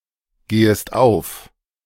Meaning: second-person singular subjunctive I of aufgehen
- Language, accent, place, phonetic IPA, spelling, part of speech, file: German, Germany, Berlin, [ˌɡeːəst ˈaʊ̯f], gehest auf, verb, De-gehest auf.ogg